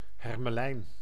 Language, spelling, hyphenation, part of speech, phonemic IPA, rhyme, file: Dutch, hermelijn, her‧me‧lijn, noun, /ˌɦɛr.məˈlɛi̯n/, -ɛi̯n, Nl-hermelijn.ogg
- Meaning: 1. stoat, ermine (Mustela erminea) 2. ermine 3. ermine, the white fur of the stoat